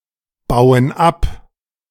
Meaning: inflection of abbauen: 1. first/third-person plural present 2. first/third-person plural subjunctive I
- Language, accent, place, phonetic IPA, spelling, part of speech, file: German, Germany, Berlin, [ˌbaʊ̯ən ˈap], bauen ab, verb, De-bauen ab.ogg